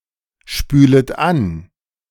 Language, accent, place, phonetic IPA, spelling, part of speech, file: German, Germany, Berlin, [ˌʃpyːlət ˈan], spület an, verb, De-spület an.ogg
- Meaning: second-person plural subjunctive I of anspülen